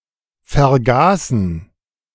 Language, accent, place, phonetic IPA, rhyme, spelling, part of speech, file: German, Germany, Berlin, [fɛɐ̯ˈɡaːsn̩], -aːsn̩, vergaßen, verb, De-vergaßen.ogg
- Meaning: first/third-person plural preterite of vergessen